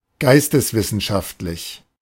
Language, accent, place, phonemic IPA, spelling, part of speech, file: German, Germany, Berlin, /ˈɡaɪ̯stəsˌvɪsn̩ʃaftlɪç/, geisteswissenschaftlich, adjective, De-geisteswissenschaftlich.ogg
- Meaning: humanities